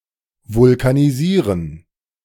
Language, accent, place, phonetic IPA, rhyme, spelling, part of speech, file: German, Germany, Berlin, [vʊlkaniˈziːʁən], -iːʁən, vulkanisieren, verb, De-vulkanisieren.ogg
- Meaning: to vulcanize (to harden rubber with heat)